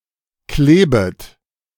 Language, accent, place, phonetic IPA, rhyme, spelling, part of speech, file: German, Germany, Berlin, [ˈkleːbət], -eːbət, klebet, verb, De-klebet.ogg
- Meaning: second-person plural subjunctive I of kleben